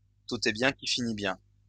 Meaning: all's well that ends well
- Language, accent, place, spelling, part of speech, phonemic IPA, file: French, France, Lyon, tout est bien qui finit bien, proverb, /tu.t‿ɛ bjɛ̃ ki fi.ni bjɛ̃/, LL-Q150 (fra)-tout est bien qui finit bien.wav